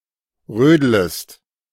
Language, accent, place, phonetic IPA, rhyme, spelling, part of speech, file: German, Germany, Berlin, [ˈʁøːdləst], -øːdləst, rödlest, verb, De-rödlest.ogg
- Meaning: second-person singular subjunctive I of rödeln